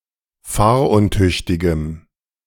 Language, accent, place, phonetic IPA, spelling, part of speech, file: German, Germany, Berlin, [ˈfaːɐ̯ʔʊnˌtʏçtɪɡəm], fahruntüchtigem, adjective, De-fahruntüchtigem.ogg
- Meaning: strong dative masculine/neuter singular of fahruntüchtig